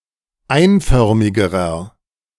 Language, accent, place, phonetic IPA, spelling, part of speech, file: German, Germany, Berlin, [ˈaɪ̯nˌfœʁmɪɡəʁɐ], einförmigerer, adjective, De-einförmigerer.ogg
- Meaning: inflection of einförmig: 1. strong/mixed nominative masculine singular comparative degree 2. strong genitive/dative feminine singular comparative degree 3. strong genitive plural comparative degree